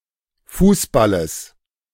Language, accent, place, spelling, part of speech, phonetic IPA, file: German, Germany, Berlin, Fußballes, noun, [ˈfuːsˌbaləs], De-Fußballes.ogg
- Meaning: genitive singular of Fußball